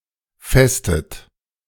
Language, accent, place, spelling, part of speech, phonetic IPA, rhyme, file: German, Germany, Berlin, festet, verb, [ˈfɛstət], -ɛstət, De-festet.ogg
- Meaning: inflection of festen: 1. second-person plural present 2. second-person plural subjunctive I 3. third-person singular present 4. plural imperative